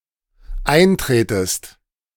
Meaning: second-person singular dependent subjunctive I of eintreten
- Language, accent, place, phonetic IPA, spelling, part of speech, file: German, Germany, Berlin, [ˈaɪ̯nˌtʁeːtəst], eintretest, verb, De-eintretest.ogg